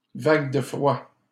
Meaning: cold snap, cold wave
- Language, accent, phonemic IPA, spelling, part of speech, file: French, Canada, /vaɡ də fʁwa/, vague de froid, noun, LL-Q150 (fra)-vague de froid.wav